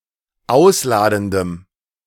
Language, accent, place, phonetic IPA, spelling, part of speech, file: German, Germany, Berlin, [ˈaʊ̯sˌlaːdn̩dəm], ausladendem, adjective, De-ausladendem.ogg
- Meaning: strong dative masculine/neuter singular of ausladend